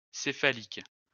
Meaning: cephalic
- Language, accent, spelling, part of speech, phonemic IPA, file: French, France, céphalique, adjective, /se.fa.lik/, LL-Q150 (fra)-céphalique.wav